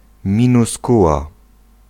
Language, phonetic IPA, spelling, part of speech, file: Polish, [ˌmʲĩnuˈskuwa], minuskuła, noun, Pl-minuskuła.ogg